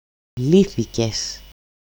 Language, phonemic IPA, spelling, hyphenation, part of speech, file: Greek, /ˈliθices/, λύθηκες, λύ‧θη‧κες, verb, El-λύθηκες.ogg
- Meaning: second-person singular simple past passive indicative of λύνω (lýno)